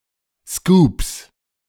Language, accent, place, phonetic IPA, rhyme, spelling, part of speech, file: German, Germany, Berlin, [skuːps], -uːps, Scoops, noun, De-Scoops.ogg
- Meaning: plural of Scoop